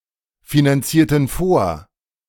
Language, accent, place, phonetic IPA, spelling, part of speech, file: German, Germany, Berlin, [finanˌt͡siːɐ̯tn̩ ˈfoːɐ̯], finanzierten vor, verb, De-finanzierten vor.ogg
- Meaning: inflection of vorfinanzieren: 1. first/third-person plural preterite 2. first/third-person plural subjunctive II